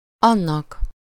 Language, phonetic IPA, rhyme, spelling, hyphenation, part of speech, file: Hungarian, [ˈɒnːɒk], -ɒk, annak, an‧nak, pronoun, Hu-annak.ogg
- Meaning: 1. dative singular of az 2. as such, in that capacity